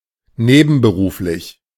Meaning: part-time, avocational
- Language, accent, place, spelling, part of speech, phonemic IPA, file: German, Germany, Berlin, nebenberuflich, adjective, /ˈneːbn̩bəˌʁuːflɪç/, De-nebenberuflich.ogg